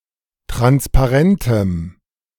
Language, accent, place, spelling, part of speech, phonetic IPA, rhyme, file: German, Germany, Berlin, transparentem, adjective, [ˌtʁanspaˈʁɛntəm], -ɛntəm, De-transparentem.ogg
- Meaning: strong dative masculine/neuter singular of transparent